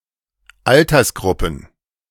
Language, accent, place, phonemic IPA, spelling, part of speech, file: German, Germany, Berlin, /ˈaltɐsˌɡʁʊpn̩/, Altersgruppen, noun, De-Altersgruppen.ogg
- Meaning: plural of Altersgruppe